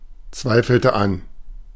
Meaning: inflection of anzweifeln: 1. first/third-person singular preterite 2. first/third-person singular subjunctive II
- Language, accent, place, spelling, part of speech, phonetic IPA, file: German, Germany, Berlin, zweifelte an, verb, [ˌt͡svaɪ̯fl̩tə ˈan], De-zweifelte an.ogg